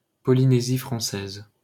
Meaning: French Polynesia (an archipelago and overseas territory of France in Oceania)
- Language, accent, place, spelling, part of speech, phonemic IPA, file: French, France, Paris, Polynésie française, proper noun, /pɔ.li.ne.zi fʁɑ̃.sɛz/, LL-Q150 (fra)-Polynésie française.wav